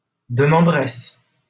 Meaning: female equivalent of demandeur
- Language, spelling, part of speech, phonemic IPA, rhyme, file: French, demanderesse, noun, /də.mɑ̃.dʁɛs/, -ɛs, LL-Q150 (fra)-demanderesse.wav